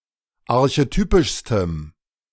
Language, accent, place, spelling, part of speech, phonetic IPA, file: German, Germany, Berlin, archetypischstem, adjective, [aʁçeˈtyːpɪʃstəm], De-archetypischstem.ogg
- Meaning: strong dative masculine/neuter singular superlative degree of archetypisch